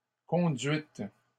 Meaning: plural of conduite
- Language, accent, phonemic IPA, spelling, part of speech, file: French, Canada, /kɔ̃.dɥit/, conduites, noun, LL-Q150 (fra)-conduites.wav